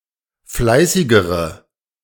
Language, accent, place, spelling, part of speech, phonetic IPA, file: German, Germany, Berlin, fleißigere, adjective, [ˈflaɪ̯sɪɡəʁə], De-fleißigere.ogg
- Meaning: inflection of fleißig: 1. strong/mixed nominative/accusative feminine singular comparative degree 2. strong nominative/accusative plural comparative degree